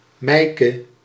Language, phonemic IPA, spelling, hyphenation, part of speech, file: Dutch, /ˈmɛi̯.kə/, Meike, Mei‧ke, proper noun, Nl-Meike.ogg
- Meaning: a female given name